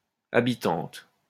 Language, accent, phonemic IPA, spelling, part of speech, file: French, France, /a.bi.tɑ̃t/, habitantes, noun, LL-Q150 (fra)-habitantes.wav
- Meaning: plural of habitante